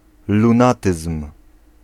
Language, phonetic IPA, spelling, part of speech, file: Polish, [lũˈnatɨsm̥], lunatyzm, noun, Pl-lunatyzm.ogg